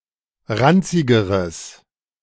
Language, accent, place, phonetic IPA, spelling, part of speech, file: German, Germany, Berlin, [ˈʁant͡sɪɡəʁəs], ranzigeres, adjective, De-ranzigeres.ogg
- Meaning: strong/mixed nominative/accusative neuter singular comparative degree of ranzig